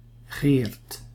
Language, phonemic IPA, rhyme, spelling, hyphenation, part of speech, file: Dutch, /ɣeːrt/, -eːrt, Geert, Geert, proper noun, Nl-Geert.ogg
- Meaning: a male given name